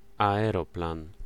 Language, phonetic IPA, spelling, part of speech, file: Polish, [ˌaɛˈrɔplãn], aeroplan, noun, Pl-aeroplan.ogg